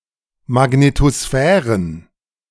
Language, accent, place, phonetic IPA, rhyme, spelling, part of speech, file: German, Germany, Berlin, [maˌɡnetoˈsfɛːʁən], -ɛːʁən, Magnetosphären, noun, De-Magnetosphären.ogg
- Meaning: plural of Magnetosphäre